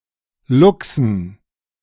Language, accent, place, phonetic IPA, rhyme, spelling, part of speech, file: German, Germany, Berlin, [ˈlʊksn̩], -ʊksn̩, Luchsen, noun, De-Luchsen.ogg
- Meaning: dative plural of Luchs